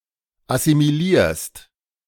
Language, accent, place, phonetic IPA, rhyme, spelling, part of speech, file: German, Germany, Berlin, [asimiˈliːɐ̯st], -iːɐ̯st, assimilierst, verb, De-assimilierst.ogg
- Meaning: second-person singular present of assimilieren